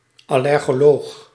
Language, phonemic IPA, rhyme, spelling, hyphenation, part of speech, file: Dutch, /ˌɑ.lɛr.ɣoːˈloːx/, -oːx, allergoloog, al‧ler‧go‧loog, noun, Nl-allergoloog.ogg
- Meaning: allergologist, allergist